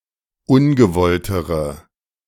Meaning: inflection of ungewollt: 1. strong/mixed nominative/accusative feminine singular comparative degree 2. strong nominative/accusative plural comparative degree
- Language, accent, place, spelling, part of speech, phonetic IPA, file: German, Germany, Berlin, ungewolltere, adjective, [ˈʊnɡəˌvɔltəʁə], De-ungewolltere.ogg